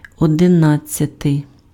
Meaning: eleventh
- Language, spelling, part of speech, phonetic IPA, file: Ukrainian, одинадцятий, adjective, [ɔdeˈnad͡zʲt͡sʲɐtei̯], Uk-одинадцятий.ogg